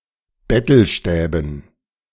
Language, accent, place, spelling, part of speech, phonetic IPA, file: German, Germany, Berlin, Bettelstäben, noun, [ˈbɛtl̩ˌʃtɛːbn̩], De-Bettelstäben.ogg
- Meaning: dative plural of Bettelstab